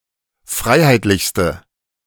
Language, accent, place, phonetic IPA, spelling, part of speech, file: German, Germany, Berlin, [ˈfʁaɪ̯haɪ̯tlɪçstə], freiheitlichste, adjective, De-freiheitlichste.ogg
- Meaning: inflection of freiheitlich: 1. strong/mixed nominative/accusative feminine singular superlative degree 2. strong nominative/accusative plural superlative degree